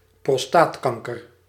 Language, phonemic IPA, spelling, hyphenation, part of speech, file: Dutch, /prɔsˈtaːtˌkɑŋ.kər/, prostaatkanker, pros‧taat‧kan‧ker, noun, Nl-prostaatkanker.ogg
- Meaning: prostate cancer